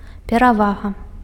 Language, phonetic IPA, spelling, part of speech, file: Belarusian, [pʲeraˈvaɣa], перавага, noun, Be-перавага.ogg
- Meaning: 1. advantage (favourable situation) 2. superiority, preeminence, ascendancy 3. preference (state of being preferred)